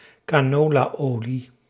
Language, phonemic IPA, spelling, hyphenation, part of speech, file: Dutch, /kaːˈnoː.laːˌoː.li/, canolaolie, ca‧no‧la‧olie, noun, Nl-canolaolie.ogg
- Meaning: canola oil